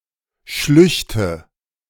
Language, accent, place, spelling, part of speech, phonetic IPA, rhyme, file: German, Germany, Berlin, Schlüchte, noun, [ˈʃlʏçtə], -ʏçtə, De-Schlüchte.ogg
- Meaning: nominative/accusative/genitive plural of Schlucht